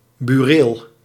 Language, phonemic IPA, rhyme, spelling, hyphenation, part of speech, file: Dutch, /byːˈreːl/, -eːl, bureel, bu‧reel, noun, Nl-bureel.ogg
- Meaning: office